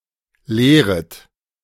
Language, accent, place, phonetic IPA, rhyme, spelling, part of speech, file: German, Germany, Berlin, [ˈleːʁət], -eːʁət, lehret, verb, De-lehret.ogg
- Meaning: second-person plural subjunctive I of lehren